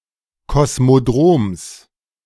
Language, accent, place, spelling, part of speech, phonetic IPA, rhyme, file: German, Germany, Berlin, Kosmodroms, noun, [kɔsmoˈdʁoːms], -oːms, De-Kosmodroms.ogg
- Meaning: genitive singular of Kosmodrom